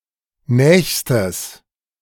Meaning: strong/mixed nominative/accusative neuter singular superlative degree of nah
- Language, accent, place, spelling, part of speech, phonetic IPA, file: German, Germany, Berlin, nächstes, adjective, [ˈnɛːçstəs], De-nächstes.ogg